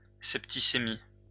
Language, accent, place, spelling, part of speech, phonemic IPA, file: French, France, Lyon, septicémie, noun, /sɛp.ti.se.mi/, LL-Q150 (fra)-septicémie.wav
- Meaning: septicemia (disease caused by pathogenic organisms in the bloodstream, characterised by chills and fever)